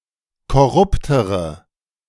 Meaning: inflection of korrupt: 1. strong/mixed nominative/accusative feminine singular comparative degree 2. strong nominative/accusative plural comparative degree
- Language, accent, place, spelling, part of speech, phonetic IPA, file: German, Germany, Berlin, korruptere, adjective, [kɔˈʁʊptəʁə], De-korruptere.ogg